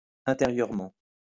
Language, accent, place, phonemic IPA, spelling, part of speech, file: French, France, Lyon, /ɛ̃.te.ʁjœʁ.mɑ̃/, intérieurement, adverb, LL-Q150 (fra)-intérieurement.wav
- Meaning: inside, on the inside, internally, interiorly